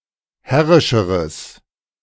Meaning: strong/mixed nominative/accusative neuter singular comparative degree of herrisch
- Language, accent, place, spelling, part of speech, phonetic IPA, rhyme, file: German, Germany, Berlin, herrischeres, adjective, [ˈhɛʁɪʃəʁəs], -ɛʁɪʃəʁəs, De-herrischeres.ogg